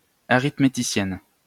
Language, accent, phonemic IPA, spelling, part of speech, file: French, France, /a.ʁit.me.ti.sjɛn/, arithméticienne, noun, LL-Q150 (fra)-arithméticienne.wav
- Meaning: female equivalent of arithméticien